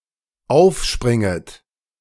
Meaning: second-person plural dependent subjunctive I of aufspringen
- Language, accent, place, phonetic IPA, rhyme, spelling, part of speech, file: German, Germany, Berlin, [ˈaʊ̯fˌʃpʁɪŋət], -aʊ̯fʃpʁɪŋət, aufspringet, verb, De-aufspringet.ogg